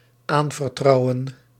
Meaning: to entrust
- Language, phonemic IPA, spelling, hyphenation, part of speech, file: Dutch, /ˈaːn.vərˌtrɑu̯.ə(n)/, aanvertrouwen, aan‧ver‧trou‧wen, verb, Nl-aanvertrouwen.ogg